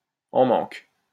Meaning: 1. experiencing withdrawal symptoms; in need of something 2. frustrated, especially sexually
- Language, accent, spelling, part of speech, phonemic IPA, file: French, France, en manque, adjective, /ɑ̃ mɑ̃k/, LL-Q150 (fra)-en manque.wav